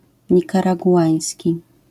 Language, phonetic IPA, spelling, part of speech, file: Polish, [ˌɲikaraɡuˈʷãj̃sʲci], nikaraguański, adjective, LL-Q809 (pol)-nikaraguański.wav